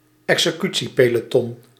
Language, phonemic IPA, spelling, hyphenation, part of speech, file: Dutch, /ɛk.səˈky.(t)si.peː.loːˌtɔn/, executiepeloton, exe‧cu‧tie‧pe‧lo‧ton, noun, Nl-executiepeloton.ogg
- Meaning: a firing squad